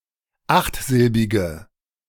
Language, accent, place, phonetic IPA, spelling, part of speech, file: German, Germany, Berlin, [ˈaxtˌzɪlbɪɡə], achtsilbige, adjective, De-achtsilbige.ogg
- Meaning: inflection of achtsilbig: 1. strong/mixed nominative/accusative feminine singular 2. strong nominative/accusative plural 3. weak nominative all-gender singular